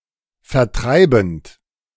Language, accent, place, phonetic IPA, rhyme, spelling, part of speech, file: German, Germany, Berlin, [fɛɐ̯ˈtʁaɪ̯bn̩t], -aɪ̯bn̩t, vertreibend, verb, De-vertreibend.ogg
- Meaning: present participle of vertreiben